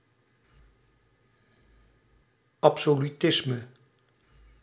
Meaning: 1. absolutism (state or ideology in which the ruler is absolutely sovereign) 2. absolutism (doctrine or philosophy involving metaphysical absolutes)
- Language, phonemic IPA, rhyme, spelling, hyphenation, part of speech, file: Dutch, /ˌɑp.soː.lyˈtɪs.mə/, -ɪsmə, absolutisme, ab‧so‧lu‧tis‧me, noun, Nl-absolutisme.ogg